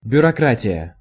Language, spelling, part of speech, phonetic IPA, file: Russian, бюрократия, noun, [bʲʊrɐˈkratʲɪjə], Ru-бюрократия.ogg
- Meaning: 1. bureaucracy, the excessive power of civil servants 2. officialdom, the officials, the class of civil servants 3. red tape